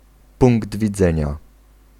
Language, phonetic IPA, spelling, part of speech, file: Polish, [ˈpũŋɡd vʲiˈd͡zɛ̃ɲa], punkt widzenia, noun, Pl-punkt widzenia.ogg